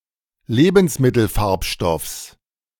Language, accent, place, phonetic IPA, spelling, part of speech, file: German, Germany, Berlin, [ˈleːbn̩sˌmɪtl̩ˌfaʁpʃtɔfs], Lebensmittelfarbstoffs, noun, De-Lebensmittelfarbstoffs.ogg
- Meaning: genitive singular of Lebensmittelfarbstoff